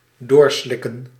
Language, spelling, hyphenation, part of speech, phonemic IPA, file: Dutch, doorslikken, door‧slik‧ken, verb, /ˈdoːrˌslɪ.kə(n)/, Nl-doorslikken.ogg
- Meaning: to swallow